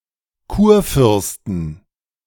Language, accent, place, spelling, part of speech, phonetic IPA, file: German, Germany, Berlin, Kurfürsten, noun, [ˈkuːɐ̯ˌfʏʁstn̩], De-Kurfürsten.ogg
- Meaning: 1. genitive singular of Kurfürst 2. plural of Kurfürst